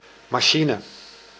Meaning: machine (mechanical or electrical device)
- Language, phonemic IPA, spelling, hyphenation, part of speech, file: Dutch, /mɑˈʃin(ə)/, machine, ma‧chi‧ne, noun, Nl-machine.ogg